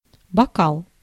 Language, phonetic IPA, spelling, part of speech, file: Russian, [bɐˈkaɫ], бокал, noun, Ru-бокал.ogg
- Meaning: wine glass